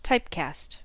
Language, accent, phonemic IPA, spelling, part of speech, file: English, US, /ˈtaɪp.kæst/, typecast, noun / verb, En-us-typecast.ogg
- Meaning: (noun) The modification of the data type of a variable or object; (verb) To cast an actor in the same kind of role repeatedly